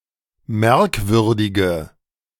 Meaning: inflection of merkwürdig: 1. strong/mixed nominative/accusative feminine singular 2. strong nominative/accusative plural 3. weak nominative all-gender singular
- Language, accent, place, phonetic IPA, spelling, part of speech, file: German, Germany, Berlin, [ˈmɛʁkˌvʏʁdɪɡə], merkwürdige, adjective, De-merkwürdige.ogg